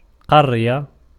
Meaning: 1. any populated area or the community thereof 2. an urban area or community (such as a town or a city) 3. a rural area or community (such as a village), a hamlet
- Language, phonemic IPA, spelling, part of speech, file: Arabic, /qar.ja/, قرية, noun, Ar-قرية.ogg